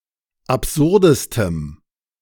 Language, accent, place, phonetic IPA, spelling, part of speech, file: German, Germany, Berlin, [apˈzʊʁdəstəm], absurdestem, adjective, De-absurdestem.ogg
- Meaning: strong dative masculine/neuter singular superlative degree of absurd